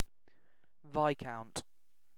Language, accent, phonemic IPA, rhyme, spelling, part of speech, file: English, UK, /ˈvaɪ.kaʊnt/, -aʊnt, viscount, noun, En-uk-viscount.ogg
- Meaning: 1. A member of the peerage, above a baron but below a count or earl 2. Any of various nymphalid butterflies of the genus Tanaecia. Other butterflies in this genus are called earls and counts